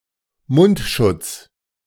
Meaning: 1. surgical mask 2. mouthguard
- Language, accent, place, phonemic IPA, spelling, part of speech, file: German, Germany, Berlin, /ˈmʊntˌʃʊts/, Mundschutz, noun, De-Mundschutz.ogg